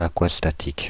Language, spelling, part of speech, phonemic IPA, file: French, aquastatique, adjective, /a.kwas.ta.tik/, Fr-aquastatique.ogg
- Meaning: aquastatic